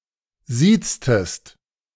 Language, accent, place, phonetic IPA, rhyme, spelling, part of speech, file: German, Germany, Berlin, [ˈziːt͡stəst], -iːt͡stəst, sieztest, verb, De-sieztest.ogg
- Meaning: inflection of siezen: 1. second-person singular preterite 2. second-person singular subjunctive II